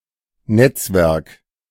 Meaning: network
- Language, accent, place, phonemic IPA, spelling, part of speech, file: German, Germany, Berlin, /ˈnɛt͡sˌvɛʁk/, Netzwerk, noun, De-Netzwerk.ogg